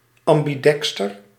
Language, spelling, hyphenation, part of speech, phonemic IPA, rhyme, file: Dutch, ambidexter, am‧bi‧dex‧ter, adjective, /ˌɑm.biˈdɛk.stər/, -ɛkstər, Nl-ambidexter.ogg
- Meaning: ambidexter